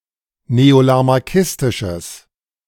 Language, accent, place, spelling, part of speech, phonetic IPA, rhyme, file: German, Germany, Berlin, neolamarckistisches, adjective, [neolamaʁˈkɪstɪʃəs], -ɪstɪʃəs, De-neolamarckistisches.ogg
- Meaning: strong/mixed nominative/accusative neuter singular of neolamarckistisch